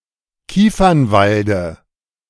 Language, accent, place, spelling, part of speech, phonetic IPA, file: German, Germany, Berlin, Kiefernwalde, noun, [ˈkiːfɐnˌvaldə], De-Kiefernwalde.ogg
- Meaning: dative singular of Kiefernwald